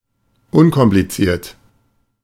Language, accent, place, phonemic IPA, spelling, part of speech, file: German, Germany, Berlin, /ˈʊnkɔmplit͡siːɐ̯t/, unkompliziert, adjective, De-unkompliziert.ogg
- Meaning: 1. straightforward 2. uncomplicated